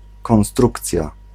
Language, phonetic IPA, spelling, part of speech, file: Polish, [kɔ̃w̃ˈstrukt͡sʲja], konstrukcja, noun, Pl-konstrukcja.ogg